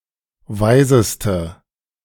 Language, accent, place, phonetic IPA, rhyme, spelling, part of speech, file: German, Germany, Berlin, [ˈvaɪ̯zəstə], -aɪ̯zəstə, weiseste, adjective, De-weiseste.ogg
- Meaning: inflection of weise: 1. strong/mixed nominative/accusative feminine singular superlative degree 2. strong nominative/accusative plural superlative degree